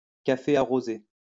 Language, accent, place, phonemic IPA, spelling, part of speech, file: French, France, Lyon, /ka.fe a.ʁo.ze/, café arrosé, noun, LL-Q150 (fra)-café arrosé.wav
- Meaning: caffè corretto